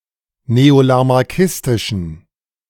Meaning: inflection of neolamarckistisch: 1. strong genitive masculine/neuter singular 2. weak/mixed genitive/dative all-gender singular 3. strong/weak/mixed accusative masculine singular
- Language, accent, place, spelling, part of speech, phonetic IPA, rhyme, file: German, Germany, Berlin, neolamarckistischen, adjective, [neolamaʁˈkɪstɪʃn̩], -ɪstɪʃn̩, De-neolamarckistischen.ogg